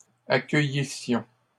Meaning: first-person plural imperfect subjunctive of accueillir
- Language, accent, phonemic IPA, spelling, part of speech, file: French, Canada, /a.kœ.ji.sjɔ̃/, accueillissions, verb, LL-Q150 (fra)-accueillissions.wav